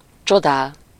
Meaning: to admire
- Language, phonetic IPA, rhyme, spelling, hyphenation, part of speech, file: Hungarian, [ˈt͡ʃodaːl], -aːl, csodál, cso‧dál, verb, Hu-csodál.ogg